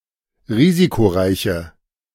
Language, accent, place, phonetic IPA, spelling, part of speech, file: German, Germany, Berlin, [ˈʁiːzikoˌʁaɪ̯çə], risikoreiche, adjective, De-risikoreiche.ogg
- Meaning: inflection of risikoreich: 1. strong/mixed nominative/accusative feminine singular 2. strong nominative/accusative plural 3. weak nominative all-gender singular